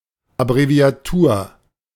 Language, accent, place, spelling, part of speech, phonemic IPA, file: German, Germany, Berlin, Abbreviatur, noun, /abʁevi̯aˈtuːɐ̯/, De-Abbreviatur.ogg
- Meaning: abbreviation